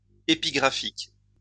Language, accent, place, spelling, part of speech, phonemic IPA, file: French, France, Lyon, épigraphique, adjective, /e.pi.ɡʁa.fik/, LL-Q150 (fra)-épigraphique.wav
- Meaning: epigraphic